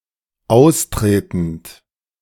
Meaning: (verb) present participle of austreten; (adjective) 1. emergent 2. leaking 3. outgoing 4. migrating
- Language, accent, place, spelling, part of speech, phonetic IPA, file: German, Germany, Berlin, austretend, verb, [ˈaʊ̯sˌtʁeːtn̩t], De-austretend.ogg